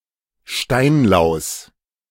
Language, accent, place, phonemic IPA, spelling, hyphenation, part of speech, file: German, Germany, Berlin, /ˈʃtaɪ̯nlaʊ̯s/, Steinlaus, Stein‧laus, noun, De-Steinlaus.ogg
- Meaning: stone louse